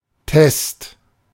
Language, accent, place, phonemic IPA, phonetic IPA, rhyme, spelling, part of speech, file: German, Germany, Berlin, /tɛst/, [tɛst], -ɛst, Test, noun, De-Test.ogg
- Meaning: 1. test 2. melting pot